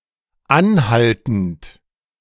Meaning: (verb) present participle of anhalten; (adjective) 1. persistent, unrelenting 2. continuous
- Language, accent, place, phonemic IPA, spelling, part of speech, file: German, Germany, Berlin, /ˈanˌhaltn̩t/, anhaltend, verb / adjective, De-anhaltend.ogg